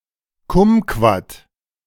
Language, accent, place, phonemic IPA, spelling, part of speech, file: German, Germany, Berlin, /ˈkʊmkvat/, Kumquat, noun, De-Kumquat.ogg
- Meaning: kumquat (small orange fruit)